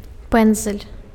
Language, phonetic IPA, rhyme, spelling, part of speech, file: Belarusian, [ˈpɛnd͡zalʲ], -ɛnd͡zalʲ, пэндзаль, noun, Be-пэндзаль.ogg
- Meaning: brush, paintbrush (a bundle of bristles, hair or wool attached to a handle, which is used for applying paint, glue, etc. to the surface of something)